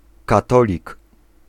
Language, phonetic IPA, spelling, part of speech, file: Polish, [kaˈtɔlʲik], katolik, noun, Pl-katolik.ogg